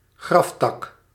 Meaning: 1. bouquet, flower or plant on a grave 2. nasty or ugly person (in particular an older one) 3. dull, boring person
- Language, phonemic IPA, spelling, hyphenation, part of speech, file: Dutch, /ˈɣrɑf.tɑk/, graftak, graf‧tak, noun, Nl-graftak.ogg